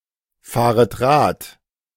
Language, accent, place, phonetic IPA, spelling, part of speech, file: German, Germany, Berlin, [ˌfaːʁət ˈʁaːt], fahret Rad, verb, De-fahret Rad.ogg
- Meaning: second-person plural subjunctive I of Rad fahren